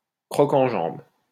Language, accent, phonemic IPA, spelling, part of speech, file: French, France, /kʁɔ.kɑ̃.ʒɑ̃b/, croc-en-jambe, noun, LL-Q150 (fra)-croc-en-jambe.wav
- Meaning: action of tripping someone